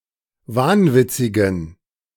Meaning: inflection of wahnwitzig: 1. strong genitive masculine/neuter singular 2. weak/mixed genitive/dative all-gender singular 3. strong/weak/mixed accusative masculine singular 4. strong dative plural
- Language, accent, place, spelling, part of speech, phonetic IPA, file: German, Germany, Berlin, wahnwitzigen, adjective, [ˈvaːnˌvɪt͡sɪɡn̩], De-wahnwitzigen.ogg